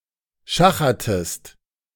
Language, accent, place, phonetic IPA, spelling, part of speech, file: German, Germany, Berlin, [ˈʃaxɐtəst], schachertest, verb, De-schachertest.ogg
- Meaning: inflection of schachern: 1. second-person singular preterite 2. second-person singular subjunctive II